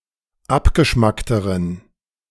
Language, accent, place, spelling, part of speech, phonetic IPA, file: German, Germany, Berlin, abgeschmackteren, adjective, [ˈapɡəˌʃmaktəʁən], De-abgeschmackteren.ogg
- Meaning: inflection of abgeschmackt: 1. strong genitive masculine/neuter singular comparative degree 2. weak/mixed genitive/dative all-gender singular comparative degree